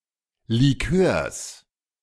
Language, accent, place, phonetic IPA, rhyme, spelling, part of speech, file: German, Germany, Berlin, [liˈkøːɐ̯s], -øːɐ̯s, Likörs, noun, De-Likörs.ogg
- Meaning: genitive singular of Likör